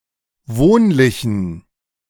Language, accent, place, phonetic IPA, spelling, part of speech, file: German, Germany, Berlin, [ˈvoːnlɪçn̩], wohnlichen, adjective, De-wohnlichen.ogg
- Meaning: inflection of wohnlich: 1. strong genitive masculine/neuter singular 2. weak/mixed genitive/dative all-gender singular 3. strong/weak/mixed accusative masculine singular 4. strong dative plural